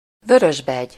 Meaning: robin, European robin (Erithacus rubecula)
- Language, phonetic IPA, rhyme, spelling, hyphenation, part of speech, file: Hungarian, [ˈvørøʒbɛɟ], -ɛɟ, vörösbegy, vö‧rös‧begy, noun, Hu-vörösbegy.ogg